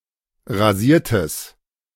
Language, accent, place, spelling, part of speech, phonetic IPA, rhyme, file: German, Germany, Berlin, rasiertes, adjective, [ʁaˈziːɐ̯təs], -iːɐ̯təs, De-rasiertes.ogg
- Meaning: strong/mixed nominative/accusative neuter singular of rasiert